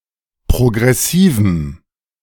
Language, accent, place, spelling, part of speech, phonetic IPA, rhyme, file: German, Germany, Berlin, progressivem, adjective, [pʁoɡʁɛˈsiːvm̩], -iːvm̩, De-progressivem.ogg
- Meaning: strong dative masculine/neuter singular of progressiv